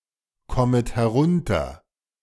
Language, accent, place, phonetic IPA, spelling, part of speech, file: German, Germany, Berlin, [ˌkɔmət hɛˈʁʊntɐ], kommet herunter, verb, De-kommet herunter.ogg
- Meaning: second-person plural subjunctive I of herunterkommen